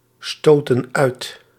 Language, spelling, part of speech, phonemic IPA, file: Dutch, stootten uit, verb, /ˈstotə(n) ˈœyt/, Nl-stootten uit.ogg
- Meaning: inflection of uitstoten: 1. plural past indicative 2. plural past subjunctive